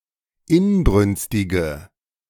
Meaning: inflection of inbrünstig: 1. strong/mixed nominative/accusative feminine singular 2. strong nominative/accusative plural 3. weak nominative all-gender singular
- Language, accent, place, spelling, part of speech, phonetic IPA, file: German, Germany, Berlin, inbrünstige, adjective, [ˈɪnˌbʁʏnstɪɡə], De-inbrünstige.ogg